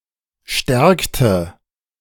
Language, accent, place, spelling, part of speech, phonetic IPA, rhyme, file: German, Germany, Berlin, stärkte, verb, [ˈʃtɛʁktə], -ɛʁktə, De-stärkte.ogg
- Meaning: inflection of stärken: 1. first/third-person singular preterite 2. first/third-person singular subjunctive II